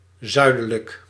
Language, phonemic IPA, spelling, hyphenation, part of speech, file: Dutch, /ˈzœy̯.də.lək/, zuidelijk, zui‧de‧lijk, adjective, Nl-zuidelijk.ogg
- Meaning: southern